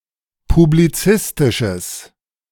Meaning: strong/mixed nominative/accusative neuter singular of publizistisch
- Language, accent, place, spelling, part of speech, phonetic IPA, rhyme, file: German, Germany, Berlin, publizistisches, adjective, [publiˈt͡sɪstɪʃəs], -ɪstɪʃəs, De-publizistisches.ogg